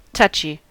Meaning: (adjective) 1. Extremely sensitive or volatile; easily disturbed to the point of becoming unstable; requiring caution or tactfulness 2. Easily offended, oversensitive
- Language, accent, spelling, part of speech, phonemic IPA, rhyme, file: English, US, touchy, adjective / verb, /ˈtʌt͡ʃi/, -ʌtʃi, En-us-touchy.ogg